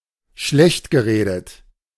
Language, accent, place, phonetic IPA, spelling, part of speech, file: German, Germany, Berlin, [ˈʃlɛçtɡəˌʁeːdət], schlechtgeredet, verb, De-schlechtgeredet.ogg
- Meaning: past participle of schlechtreden